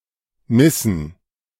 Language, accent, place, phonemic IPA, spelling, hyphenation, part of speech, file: German, Germany, Berlin, /ˈmɪsn̩/, missen, mis‧sen, verb, De-missen.ogg
- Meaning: 1. to be without, to lack 2. to miss 3. to lose